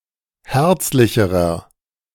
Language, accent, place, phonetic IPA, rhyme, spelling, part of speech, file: German, Germany, Berlin, [ˈhɛʁt͡slɪçəʁɐ], -ɛʁt͡slɪçəʁɐ, herzlicherer, adjective, De-herzlicherer.ogg
- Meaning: inflection of herzlich: 1. strong/mixed nominative masculine singular comparative degree 2. strong genitive/dative feminine singular comparative degree 3. strong genitive plural comparative degree